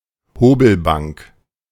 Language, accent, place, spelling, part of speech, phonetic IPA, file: German, Germany, Berlin, Hobelbank, noun, [ˈhoːbl̩ˌbaŋk], De-Hobelbank.ogg
- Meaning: workbench, carpenter's bench